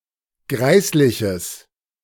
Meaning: strong/mixed nominative/accusative neuter singular of greislich
- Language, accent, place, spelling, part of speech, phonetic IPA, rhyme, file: German, Germany, Berlin, greisliches, adjective, [ˈɡʁaɪ̯slɪçəs], -aɪ̯slɪçəs, De-greisliches.ogg